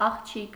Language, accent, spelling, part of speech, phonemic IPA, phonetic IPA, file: Armenian, Eastern Armenian, աղջիկ, noun, /ɑχˈt͡ʃʰik/, [ɑχt͡ʃʰík], Hy-աղջիկ.ogg
- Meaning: 1. girl, young woman 2. little girl; girlie 3. daughter 4. maidservant, housemaid 5. queen